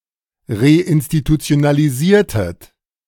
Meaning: inflection of reinstitutionalisieren: 1. second-person plural preterite 2. second-person plural subjunctive II
- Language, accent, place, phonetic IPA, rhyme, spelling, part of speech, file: German, Germany, Berlin, [ʁeʔɪnstitut͡si̯onaliˈziːɐ̯tət], -iːɐ̯tət, reinstitutionalisiertet, verb, De-reinstitutionalisiertet.ogg